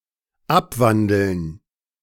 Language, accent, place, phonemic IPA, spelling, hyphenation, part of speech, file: German, Germany, Berlin, /ˈapˌvandl̩n/, abwandeln, ab‧wan‧deln, verb, De-abwandeln.ogg
- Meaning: 1. to modify 2. to inflect